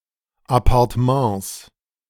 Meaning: 1. genitive singular of Appartement 2. plural of Appartement
- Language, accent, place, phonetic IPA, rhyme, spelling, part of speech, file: German, Germany, Berlin, [apaʁtəˈmɑ̃ːs], -ɑ̃ːs, Appartements, noun, De-Appartements.ogg